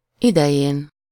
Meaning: superessive singular of ideje
- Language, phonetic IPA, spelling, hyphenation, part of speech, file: Hungarian, [ˈidɛjeːn], idején, ide‧jén, noun, Hu-idején.ogg